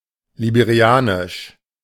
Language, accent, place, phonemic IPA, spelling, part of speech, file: German, Germany, Berlin, /libeʁiˈaːnɪʃ/, liberianisch, adjective, De-liberianisch.ogg
- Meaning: of Liberia; Liberian